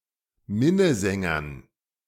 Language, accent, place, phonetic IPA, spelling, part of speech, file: German, Germany, Berlin, [ˈmɪnəˌzɛŋɐn], Minnesängern, noun, De-Minnesängern.ogg
- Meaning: dative plural of Minnesänger